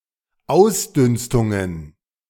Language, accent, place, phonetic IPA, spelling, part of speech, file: German, Germany, Berlin, [ˈaʊ̯sˌdʏnstʊŋən], Ausdünstungen, noun, De-Ausdünstungen.ogg
- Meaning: plural of Ausdünstung